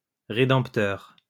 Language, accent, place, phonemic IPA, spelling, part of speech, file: French, France, Lyon, /ʁe.dɑ̃p.tœʁ/, rédempteur, noun, LL-Q150 (fra)-rédempteur.wav
- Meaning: redeemer